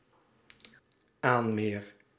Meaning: first-person singular dependent-clause present indicative of aanmeren
- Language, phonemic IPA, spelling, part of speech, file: Dutch, /ˈanmer/, aanmeer, verb, Nl-aanmeer.ogg